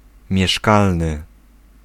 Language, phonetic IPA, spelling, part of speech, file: Polish, [mʲjɛˈʃkalnɨ], mieszkalny, adjective, Pl-mieszkalny.ogg